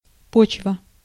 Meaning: 1. earth, soil, ground (mixture of sand and organic material) 2. basis, base, ground
- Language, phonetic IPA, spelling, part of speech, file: Russian, [ˈpot͡ɕvə], почва, noun, Ru-почва.ogg